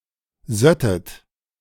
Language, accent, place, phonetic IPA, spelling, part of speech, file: German, Germany, Berlin, [ˈzœtət], söttet, verb, De-söttet.ogg
- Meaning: second-person plural subjunctive II of sieden